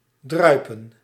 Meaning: to drip
- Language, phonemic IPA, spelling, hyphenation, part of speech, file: Dutch, /ˈdrœy̯pə(n)/, druipen, drui‧pen, verb, Nl-druipen.ogg